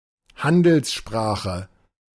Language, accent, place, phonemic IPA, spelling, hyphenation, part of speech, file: German, Germany, Berlin, /ˈhandəlsˌʃpʁaːxə/, Handelssprache, Han‧dels‧spra‧che, noun, De-Handelssprache.ogg
- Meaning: trade language, lingua franca